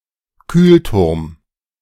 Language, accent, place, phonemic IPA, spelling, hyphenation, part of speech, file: German, Germany, Berlin, /kyːltʊʁm/, Kühlturm, Kühl‧turm, noun, De-Kühlturm.ogg
- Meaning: cooling tower